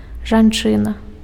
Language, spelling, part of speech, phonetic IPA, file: Belarusian, жанчына, noun, [ʐanˈt͡ʂɨna], Be-жанчына.ogg
- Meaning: woman